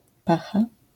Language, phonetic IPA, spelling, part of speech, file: Polish, [ˈpaxa], pacha, noun, LL-Q809 (pol)-pacha.wav